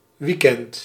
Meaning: weekend
- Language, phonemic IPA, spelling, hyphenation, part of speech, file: Dutch, /ˈʋikɛnt/, weekend, week‧end, noun, Nl-weekend.ogg